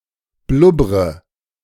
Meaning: inflection of blubbern: 1. first-person singular present 2. first/third-person singular subjunctive I 3. singular imperative
- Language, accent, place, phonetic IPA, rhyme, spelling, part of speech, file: German, Germany, Berlin, [ˈblʊbʁə], -ʊbʁə, blubbre, verb, De-blubbre.ogg